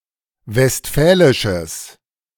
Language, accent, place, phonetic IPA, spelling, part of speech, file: German, Germany, Berlin, [vɛstˈfɛːlɪʃəs], westfälisches, adjective, De-westfälisches.ogg
- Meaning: strong/mixed nominative/accusative neuter singular of westfälisch